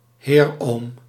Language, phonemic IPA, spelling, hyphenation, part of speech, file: Dutch, /ˈɦeːr.oːm/, heeroom, heer‧oom, noun, Nl-heeroom.ogg
- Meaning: an uncle who is a (Roman Catholic) priest or monastic